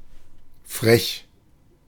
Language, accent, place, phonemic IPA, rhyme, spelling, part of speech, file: German, Germany, Berlin, /fʁɛç/, -ɛç, frech, adjective, De-frech.ogg
- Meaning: 1. cheeky, barefaced, rude, saucy 2. naughty